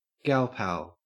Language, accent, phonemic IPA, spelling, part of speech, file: English, Australia, /ˈɡælpæl/, galpal, noun, En-au-galpal.ogg
- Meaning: A female friend or girlfriend